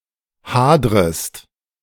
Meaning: second-person singular subjunctive I of hadern
- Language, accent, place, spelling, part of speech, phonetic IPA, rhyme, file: German, Germany, Berlin, hadrest, verb, [ˈhaːdʁəst], -aːdʁəst, De-hadrest.ogg